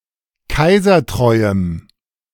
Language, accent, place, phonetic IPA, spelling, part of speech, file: German, Germany, Berlin, [ˈkaɪ̯zɐˌtʁɔɪ̯əm], kaisertreuem, adjective, De-kaisertreuem.ogg
- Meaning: strong dative masculine/neuter singular of kaisertreu